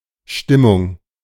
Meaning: 1. mood (emotional state) 2. mood (inclination to do something) 3. lively atmosphere; vibe; exuberance (good mood of a group or crowd, e.g. at a party)
- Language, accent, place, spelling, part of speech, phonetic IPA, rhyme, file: German, Germany, Berlin, Stimmung, noun, [ˈʃtɪmʊŋ], -ɪmʊŋ, De-Stimmung.ogg